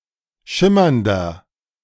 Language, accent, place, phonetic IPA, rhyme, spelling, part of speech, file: German, Germany, Berlin, [ˈʃɪmɐndɐ], -ɪmɐndɐ, schimmernder, adjective, De-schimmernder.ogg
- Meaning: inflection of schimmernd: 1. strong/mixed nominative masculine singular 2. strong genitive/dative feminine singular 3. strong genitive plural